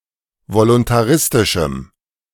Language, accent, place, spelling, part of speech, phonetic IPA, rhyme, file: German, Germany, Berlin, voluntaristischem, adjective, [volʊntaˈʁɪstɪʃm̩], -ɪstɪʃm̩, De-voluntaristischem.ogg
- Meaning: strong dative masculine/neuter singular of voluntaristisch